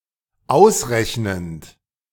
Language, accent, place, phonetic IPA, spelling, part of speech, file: German, Germany, Berlin, [ˈaʊ̯sˌʁɛçnənt], ausrechnend, verb, De-ausrechnend.ogg
- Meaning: present participle of ausrechnen